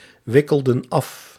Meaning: inflection of afwikkelen: 1. plural past indicative 2. plural past subjunctive
- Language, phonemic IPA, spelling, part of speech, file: Dutch, /ˈwɪkəldə(n) ˈɑf/, wikkelden af, verb, Nl-wikkelden af.ogg